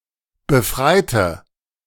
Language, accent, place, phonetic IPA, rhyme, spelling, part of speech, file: German, Germany, Berlin, [bəˈfʁaɪ̯tə], -aɪ̯tə, befreite, adjective / verb, De-befreite.ogg
- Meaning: inflection of befreien: 1. first/third-person singular preterite 2. first/third-person singular subjunctive II